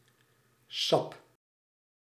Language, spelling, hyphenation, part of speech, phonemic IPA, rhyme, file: Dutch, sap, sap, noun, /sɑp/, -ɑp, Nl-sap.ogg
- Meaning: 1. juice 2. sap (fluid in plants)